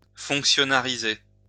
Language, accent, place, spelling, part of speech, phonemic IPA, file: French, France, Lyon, fonctionnariser, verb, /fɔ̃k.sjɔ.na.ʁi.ze/, LL-Q150 (fra)-fonctionnariser.wav
- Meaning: to establish as a civil servant